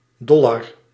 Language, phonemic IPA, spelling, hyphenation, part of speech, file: Dutch, /ˈdɔlɑr/, dollar, dol‧lar, noun, Nl-dollar.ogg
- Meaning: dollar (currency, especially the US dollar)